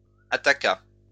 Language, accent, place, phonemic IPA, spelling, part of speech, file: French, France, Lyon, /a.ta.ka/, attaqua, verb, LL-Q150 (fra)-attaqua.wav
- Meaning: third-person singular past historic of attaquer